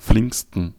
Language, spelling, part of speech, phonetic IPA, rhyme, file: German, flinksten, adjective, [ˈflɪŋkstn̩], -ɪŋkstn̩, De-flinksten.ogg
- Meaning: 1. superlative degree of flink 2. inflection of flink: strong genitive masculine/neuter singular superlative degree